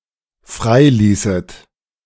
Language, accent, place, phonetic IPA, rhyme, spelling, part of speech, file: German, Germany, Berlin, [ˈfʁaɪ̯ˌliːsət], -aɪ̯liːsət, freiließet, verb, De-freiließet.ogg
- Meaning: second-person plural dependent subjunctive II of freilassen